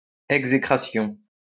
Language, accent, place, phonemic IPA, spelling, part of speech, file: French, France, Lyon, /ɛɡ.ze.kʁa.sjɔ̃/, exécration, noun, LL-Q150 (fra)-exécration.wav
- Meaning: execration